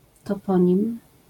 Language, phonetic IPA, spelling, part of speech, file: Polish, [tɔˈpɔ̃ɲĩm], toponim, noun, LL-Q809 (pol)-toponim.wav